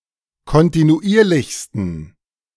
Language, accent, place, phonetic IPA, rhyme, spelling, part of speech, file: German, Germany, Berlin, [kɔntinuˈʔiːɐ̯lɪçstn̩], -iːɐ̯lɪçstn̩, kontinuierlichsten, adjective, De-kontinuierlichsten.ogg
- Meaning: 1. superlative degree of kontinuierlich 2. inflection of kontinuierlich: strong genitive masculine/neuter singular superlative degree